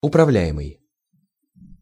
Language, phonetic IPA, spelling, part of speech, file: Russian, [ʊprɐˈvlʲæ(j)ɪmɨj], управляемый, verb / adjective, Ru-управляемый.ogg
- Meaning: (verb) present passive imperfective participle of управля́ть (upravljátʹ); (adjective) 1. controllable, manageable 2. guided